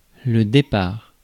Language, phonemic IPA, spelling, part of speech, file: French, /de.paʁ/, départ, noun / verb, Fr-départ.ogg
- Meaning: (noun) departure, start; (verb) third-person singular present indicative of départir